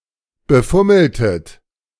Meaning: inflection of befummeln: 1. second-person plural preterite 2. second-person plural subjunctive II
- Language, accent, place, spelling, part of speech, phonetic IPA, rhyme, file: German, Germany, Berlin, befummeltet, verb, [bəˈfʊml̩tət], -ʊml̩tət, De-befummeltet.ogg